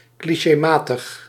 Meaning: clichéd, trite
- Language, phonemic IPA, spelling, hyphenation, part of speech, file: Dutch, /kli.ʃeːˈmaː.təx/, clichématig, cli‧ché‧ma‧tig, adjective, Nl-clichématig.ogg